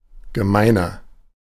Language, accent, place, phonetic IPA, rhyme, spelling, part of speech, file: German, Germany, Berlin, [ɡəˈmaɪ̯nɐ], -aɪ̯nɐ, gemeiner, adjective, De-gemeiner.ogg
- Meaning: 1. comparative degree of gemein 2. inflection of gemein: strong/mixed nominative masculine singular 3. inflection of gemein: strong genitive/dative feminine singular